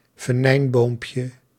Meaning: diminutive of venijnboom
- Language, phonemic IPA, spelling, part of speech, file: Dutch, /vəˈnɛimbompjə/, venijnboompje, noun, Nl-venijnboompje.ogg